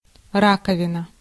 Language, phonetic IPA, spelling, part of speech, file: Russian, [ˈrakəvʲɪnə], раковина, noun, Ru-раковина.ogg
- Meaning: 1. shell (hard calcareous external covering of mollusks) 2. pinna, auricle, helix (the external ear) 3. sink, washbowl, basin, bowl 4. vesicle 5. bandstand 6. blister, cavity, bubble, flaw, blowhole